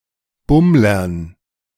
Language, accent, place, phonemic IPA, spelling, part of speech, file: German, Germany, Berlin, /ˈbʊmlɐn/, Bummlern, noun, De-Bummlern.ogg
- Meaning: dative plural of Bummler